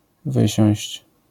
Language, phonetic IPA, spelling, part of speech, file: Polish, [ˈvɨɕɔ̃w̃ɕt͡ɕ], wysiąść, verb, LL-Q809 (pol)-wysiąść.wav